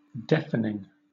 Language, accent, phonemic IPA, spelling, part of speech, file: English, Southern England, /ˈdɛfənɪŋ(ɡ)/, deafening, adjective / verb / noun, LL-Q1860 (eng)-deafening.wav
- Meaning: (adjective) 1. Loud enough to cause temporary or permanent hearing loss 2. Very loud; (verb) present participle and gerund of deafen; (noun) 1. pugging 2. The process by which something is deafened